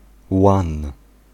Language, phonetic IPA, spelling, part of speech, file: Polish, [wãn], łan, noun, Pl-łan.ogg